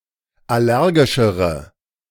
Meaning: inflection of allergisch: 1. strong/mixed nominative/accusative feminine singular comparative degree 2. strong nominative/accusative plural comparative degree
- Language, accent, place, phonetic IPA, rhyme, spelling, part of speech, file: German, Germany, Berlin, [ˌaˈlɛʁɡɪʃəʁə], -ɛʁɡɪʃəʁə, allergischere, adjective, De-allergischere.ogg